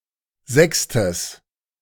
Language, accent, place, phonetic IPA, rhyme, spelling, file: German, Germany, Berlin, [ˈzɛkstəs], -ɛkstəs, sechstes, De-sechstes.ogg
- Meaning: strong/mixed nominative/accusative neuter singular of sechste